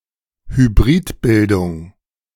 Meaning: 1. hybridism 2. hypercorrect form
- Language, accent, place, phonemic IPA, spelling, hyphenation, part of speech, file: German, Germany, Berlin, /hyˈbʁiːtˌbɪldʊŋ/, Hybridbildung, Hy‧brid‧bil‧dung, noun, De-Hybridbildung.ogg